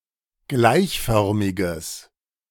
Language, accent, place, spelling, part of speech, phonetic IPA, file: German, Germany, Berlin, gleichförmiges, adjective, [ˈɡlaɪ̯çˌfœʁmɪɡəs], De-gleichförmiges.ogg
- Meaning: strong/mixed nominative/accusative neuter singular of gleichförmig